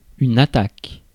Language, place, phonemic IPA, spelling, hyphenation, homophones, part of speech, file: French, Paris, /a.tak/, attaque, a‧ttaque, attaquent / attaques, noun / verb, Fr-attaque.ogg
- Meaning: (noun) 1. attack 2. onset of a syllable; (verb) inflection of attaquer: 1. first/third-person singular present indicative/subjunctive 2. second-person singular imperative